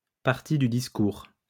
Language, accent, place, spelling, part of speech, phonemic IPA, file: French, France, Lyon, partie du discours, noun, /paʁ.ti dy dis.kuʁ/, LL-Q150 (fra)-partie du discours.wav
- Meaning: part of speech